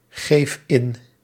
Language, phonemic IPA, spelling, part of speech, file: Dutch, /ˈɣef ˈɪn/, geef in, verb, Nl-geef in.ogg
- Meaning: inflection of ingeven: 1. first-person singular present indicative 2. second-person singular present indicative 3. imperative